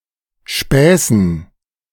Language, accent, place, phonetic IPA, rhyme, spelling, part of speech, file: German, Germany, Berlin, [ˈʃpɛːsn̩], -ɛːsn̩, Späßen, noun, De-Späßen.ogg
- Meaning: dative plural of Spaß